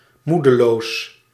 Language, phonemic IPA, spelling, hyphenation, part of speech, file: Dutch, /ˈmudəloːs/, moedeloos, moe‧de‧loos, adjective, Nl-moedeloos.ogg
- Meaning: despondent, discouraged (in low spirits from loss of hope or courage)